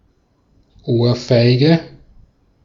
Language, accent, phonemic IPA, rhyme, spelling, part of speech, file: German, Austria, /ˈʔoːɐ̯ˌfaɪ̯ɡə/, -aɪ̯ɡə, Ohrfeige, noun, De-at-Ohrfeige.ogg
- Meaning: 1. A box on the ear, cuff on the ear 2. slap in the face